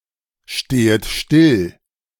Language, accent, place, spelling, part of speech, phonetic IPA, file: German, Germany, Berlin, stehet still, verb, [ˌʃteːət ˈʃtɪl], De-stehet still.ogg
- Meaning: second-person plural subjunctive I of stillstehen